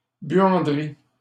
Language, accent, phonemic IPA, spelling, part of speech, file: French, Canada, /bɥɑ̃.dʁi/, buanderie, noun, LL-Q150 (fra)-buanderie.wav
- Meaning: 1. laundry (room) 2. laundrette